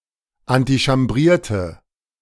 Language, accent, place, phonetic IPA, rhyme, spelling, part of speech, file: German, Germany, Berlin, [antiʃamˈbʁiːɐ̯tə], -iːɐ̯tə, antichambrierte, verb, De-antichambrierte.ogg
- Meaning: inflection of antichambrieren: 1. first/third-person singular preterite 2. first/third-person singular subjunctive II